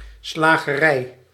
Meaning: butcher's shop
- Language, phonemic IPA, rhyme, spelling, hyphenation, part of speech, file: Dutch, /ˌslaː.ɣəˈrɛi̯/, -ɛi̯, slagerij, sla‧ge‧rij, noun, Nl-slagerij.ogg